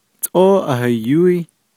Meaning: there is/are many, much, a lot (of it)
- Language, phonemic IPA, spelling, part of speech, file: Navajo, /tʼóː ʔɑ̀hɑ̀jóɪ́/, tʼóó ahayóí, determiner, Nv-tʼóó ahayóí.ogg